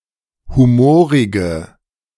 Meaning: inflection of humorig: 1. strong/mixed nominative/accusative feminine singular 2. strong nominative/accusative plural 3. weak nominative all-gender singular 4. weak accusative feminine/neuter singular
- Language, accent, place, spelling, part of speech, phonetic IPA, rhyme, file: German, Germany, Berlin, humorige, adjective, [ˌhuˈmoːʁɪɡə], -oːʁɪɡə, De-humorige.ogg